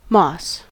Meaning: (noun) Any of various small, green, seedless plants growing on the ground or on the surfaces of trees, stones, etc.; now specifically, a plant of the phylum Bryophyta (formerly division Musci)
- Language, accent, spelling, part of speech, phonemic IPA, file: English, US, moss, noun / verb, /mɔs/, En-us-moss.ogg